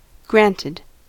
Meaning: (verb) simple past and past participle of grant
- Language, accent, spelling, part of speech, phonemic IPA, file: English, US, granted, verb / adverb / adjective, /ˈɡɹæntɪd/, En-us-granted.ogg